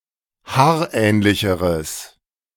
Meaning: strong/mixed nominative/accusative neuter singular comparative degree of haarähnlich
- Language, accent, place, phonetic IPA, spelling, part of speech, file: German, Germany, Berlin, [ˈhaːɐ̯ˌʔɛːnlɪçəʁəs], haarähnlicheres, adjective, De-haarähnlicheres.ogg